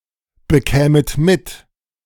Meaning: second-person plural subjunctive I of mitbekommen
- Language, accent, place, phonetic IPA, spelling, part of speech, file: German, Germany, Berlin, [bəˌkɛːmət ˈmɪt], bekämet mit, verb, De-bekämet mit.ogg